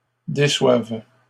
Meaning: first-person singular present subjunctive of décevoir
- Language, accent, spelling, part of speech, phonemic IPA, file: French, Canada, déçoive, verb, /de.swav/, LL-Q150 (fra)-déçoive.wav